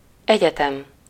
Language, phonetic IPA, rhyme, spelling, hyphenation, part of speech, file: Hungarian, [ˈɛɟɛtɛm], -ɛm, egyetem, egye‧tem, noun, Hu-egyetem.ogg
- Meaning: 1. university 2. universe